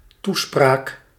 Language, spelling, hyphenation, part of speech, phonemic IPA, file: Dutch, toespraak, toe‧spraak, noun, /ˈtu.spraːk/, Nl-toespraak.ogg
- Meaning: a speech, an address